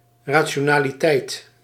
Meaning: 1. rationality, reasonableness 2. rationality (quality of being a ratio of integers)
- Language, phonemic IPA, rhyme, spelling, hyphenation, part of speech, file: Dutch, /ˌraː.(t)ʃoː.naː.liˈtɛi̯t/, -ɛi̯t, rationaliteit, ra‧ti‧o‧na‧li‧teit, noun, Nl-rationaliteit.ogg